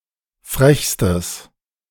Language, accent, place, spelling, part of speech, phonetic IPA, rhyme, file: German, Germany, Berlin, frechstes, adjective, [ˈfʁɛçstəs], -ɛçstəs, De-frechstes.ogg
- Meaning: strong/mixed nominative/accusative neuter singular superlative degree of frech